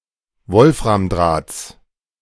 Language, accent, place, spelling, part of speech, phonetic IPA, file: German, Germany, Berlin, Wolframdrahts, noun, [ˈvɔlfʁamˌdʁaːt͡s], De-Wolframdrahts.ogg
- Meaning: genitive singular of Wolframdraht